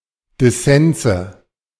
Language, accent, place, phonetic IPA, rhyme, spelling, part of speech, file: German, Germany, Berlin, [dɪˈsɛnzə], -ɛnzə, Dissense, noun, De-Dissense.ogg
- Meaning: nominative/accusative/genitive plural of Dissens